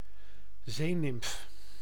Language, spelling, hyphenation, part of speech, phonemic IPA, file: Dutch, zeenimf, zee‧nimf, noun, /ˈzeː.nɪmf/, Nl-zeenimf.ogg
- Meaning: sea nymph, e.g. a nereid or an Oceanid